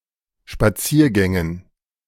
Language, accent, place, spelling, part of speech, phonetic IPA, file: German, Germany, Berlin, Spaziergängen, noun, [ʃpaˈt͡siːɐ̯ˌɡɛŋən], De-Spaziergängen.ogg
- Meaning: dative plural of Spaziergang